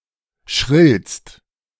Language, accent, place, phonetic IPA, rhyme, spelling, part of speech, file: German, Germany, Berlin, [ʃʁɪlst], -ɪlst, schrillst, verb, De-schrillst.ogg
- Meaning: second-person singular present of schrillen